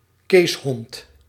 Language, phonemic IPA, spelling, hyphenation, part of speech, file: Dutch, /ˈkeːs.ɦɔnt/, keeshond, kees‧hond, noun, Nl-keeshond.ogg
- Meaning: Keeshond (breed of spitz)